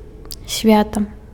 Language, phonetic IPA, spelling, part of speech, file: Belarusian, [ˈsʲvʲata], свята, noun, Be-свята.ogg
- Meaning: holiday